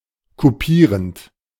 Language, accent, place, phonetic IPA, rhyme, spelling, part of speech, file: German, Germany, Berlin, [kuˈpiːʁənt], -iːʁənt, kupierend, verb, De-kupierend.ogg
- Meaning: present participle of kupieren